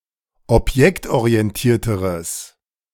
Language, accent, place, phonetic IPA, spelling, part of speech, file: German, Germany, Berlin, [ɔpˈjɛktʔoʁiɛnˌtiːɐ̯təʁəs], objektorientierteres, adjective, De-objektorientierteres.ogg
- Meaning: strong/mixed nominative/accusative neuter singular comparative degree of objektorientiert